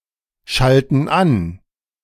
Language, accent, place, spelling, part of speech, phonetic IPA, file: German, Germany, Berlin, schalten an, verb, [ˌʃaltn̩ ˈan], De-schalten an.ogg
- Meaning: inflection of anschalten: 1. first/third-person plural present 2. first/third-person plural subjunctive I